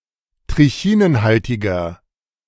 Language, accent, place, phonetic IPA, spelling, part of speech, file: German, Germany, Berlin, [tʁɪˈçiːnənˌhaltɪɡɐ], trichinenhaltiger, adjective, De-trichinenhaltiger.ogg
- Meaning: 1. comparative degree of trichinenhaltig 2. inflection of trichinenhaltig: strong/mixed nominative masculine singular 3. inflection of trichinenhaltig: strong genitive/dative feminine singular